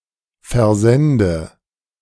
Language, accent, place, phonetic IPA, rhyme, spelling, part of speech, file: German, Germany, Berlin, [fɛɐ̯ˈzɛndə], -ɛndə, versende, verb, De-versende.ogg
- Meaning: inflection of versenden: 1. first-person singular present 2. first/third-person singular subjunctive I 3. singular imperative